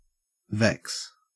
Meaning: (verb) 1. To annoy, irritate 2. To cause (mental) suffering to; to distress 3. To trouble aggressively, to harass 4. To twist, to weave 5. To be irritated; to fret
- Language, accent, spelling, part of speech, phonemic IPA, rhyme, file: English, Australia, vex, verb / noun, /vɛks/, -ɛks, En-au-vex.ogg